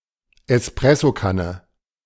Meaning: moka (Italian-style aluminium coffee-maker)
- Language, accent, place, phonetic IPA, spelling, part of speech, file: German, Germany, Berlin, [ɛsˈpʁɛsoˌkanə], Espressokanne, noun, De-Espressokanne.ogg